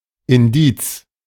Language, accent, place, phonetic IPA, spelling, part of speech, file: German, Germany, Berlin, [ɪnˈdiːt͡s], Indiz, noun, De-Indiz.ogg
- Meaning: circumstantial evidence, indication, clue